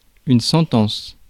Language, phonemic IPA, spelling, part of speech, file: French, /sɑ̃.tɑ̃s/, sentence, noun, Fr-sentence.ogg
- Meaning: 1. sentence 2. verdict 3. maxim, saying, adage